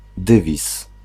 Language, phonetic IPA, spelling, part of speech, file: Polish, [ˈdɨvʲis], dywiz, noun, Pl-dywiz.ogg